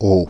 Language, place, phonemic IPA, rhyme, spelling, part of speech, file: French, Paris, /o/, -o, aulx, noun, Fr-aulx.ogg
- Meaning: plural of ail